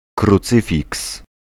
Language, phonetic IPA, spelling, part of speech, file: Polish, [kruˈt͡sɨfʲiks], krucyfiks, noun, Pl-krucyfiks.ogg